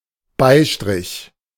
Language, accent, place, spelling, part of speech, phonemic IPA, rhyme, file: German, Germany, Berlin, Beistrich, noun, /ˈbaɪ̯ˌʃtʀɪç/, -ɪç, De-Beistrich.ogg
- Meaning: 1. comma 2. skid mark (A visible feces stain left on underpants, trousers, or sometimes the toilet bowl)